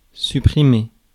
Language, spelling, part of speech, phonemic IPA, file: French, supprimer, verb, /sy.pʁi.me/, Fr-supprimer.ogg
- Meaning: 1. to delete 2. to suppress 3. to remove, to take out